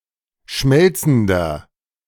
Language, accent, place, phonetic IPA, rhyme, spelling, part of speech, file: German, Germany, Berlin, [ˈʃmɛlt͡sn̩dɐ], -ɛlt͡sn̩dɐ, schmelzender, adjective, De-schmelzender.ogg
- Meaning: inflection of schmelzend: 1. strong/mixed nominative masculine singular 2. strong genitive/dative feminine singular 3. strong genitive plural